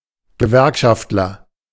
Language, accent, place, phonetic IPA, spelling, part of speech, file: German, Germany, Berlin, [ɡəˈvɛʁkʃaftlɐ], Gewerkschaftler, noun, De-Gewerkschaftler.ogg
- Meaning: unionist, trade unionist